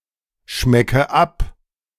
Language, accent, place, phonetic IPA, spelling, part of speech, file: German, Germany, Berlin, [ˌʃmɛkə ˈap], schmecke ab, verb, De-schmecke ab.ogg
- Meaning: inflection of abschmecken: 1. first-person singular present 2. first/third-person singular subjunctive I 3. singular imperative